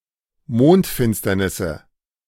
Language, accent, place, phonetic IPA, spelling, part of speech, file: German, Germany, Berlin, [ˈmoːntˌfɪnstɐnɪsə], Mondfinsternisse, noun, De-Mondfinsternisse.ogg
- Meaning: nominative/accusative/genitive plural of Mondfinsternis